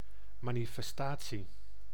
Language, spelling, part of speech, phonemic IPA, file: Dutch, manifestatie, noun, /ˌmaː.ni.fɛsˈtaː.tsi/, Nl-manifestatie.ogg
- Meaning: 1. manifestation 2. protest, demonstration